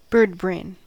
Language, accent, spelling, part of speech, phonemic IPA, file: English, US, birdbrain, noun, /ˈbɚd.bɹeɪn/, En-us-birdbrain.ogg
- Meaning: Someone who is not intelligent